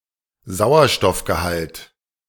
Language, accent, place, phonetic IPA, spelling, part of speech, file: German, Germany, Berlin, [ˈzaʊ̯ɐʃtɔfɡəˌhalt], Sauerstoffgehalt, noun, De-Sauerstoffgehalt.ogg
- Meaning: oxygen content